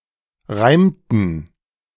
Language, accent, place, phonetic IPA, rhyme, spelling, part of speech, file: German, Germany, Berlin, [ˈʁaɪ̯mtn̩], -aɪ̯mtn̩, reimten, verb, De-reimten.ogg
- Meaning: inflection of reimen: 1. first/third-person plural preterite 2. first/third-person plural subjunctive II